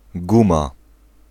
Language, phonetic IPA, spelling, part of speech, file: Polish, [ˈɡũma], guma, noun, Pl-guma.ogg